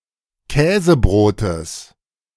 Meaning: genitive singular of Käsebrot
- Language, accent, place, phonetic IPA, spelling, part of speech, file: German, Germany, Berlin, [ˈkɛːzəˌbʁoːtəs], Käsebrotes, noun, De-Käsebrotes.ogg